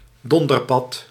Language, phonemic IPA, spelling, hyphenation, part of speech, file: Dutch, /ˈdɔn.dərˌpɑt/, donderpad, don‧der‧pad, noun, Nl-donderpad.ogg
- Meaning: any fish of the family Cottidae